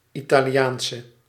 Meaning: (adjective) inflection of Italiaans: 1. masculine/feminine singular attributive 2. definite neuter singular attributive 3. plural attributive; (noun) Italian (female inhabitant of Italy)
- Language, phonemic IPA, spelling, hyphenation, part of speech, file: Dutch, /italiˈjaːnsə/, Italiaanse, Ita‧li‧aan‧se, noun / adjective, Nl-Italiaanse.ogg